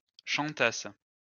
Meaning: third-person plural imperfect subjunctive of chanter
- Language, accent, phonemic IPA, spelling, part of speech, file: French, France, /ʃɑ̃.tas/, chantassent, verb, LL-Q150 (fra)-chantassent.wav